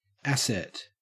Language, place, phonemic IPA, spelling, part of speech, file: English, Queensland, /ˈæset/, asset, noun, En-au-asset.ogg
- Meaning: A thing or quality that has value, especially one that generates cash flows